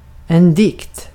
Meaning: poem (literary piece written in verse)
- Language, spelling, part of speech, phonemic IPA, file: Swedish, dikt, noun, /dɪkt/, Sv-dikt.ogg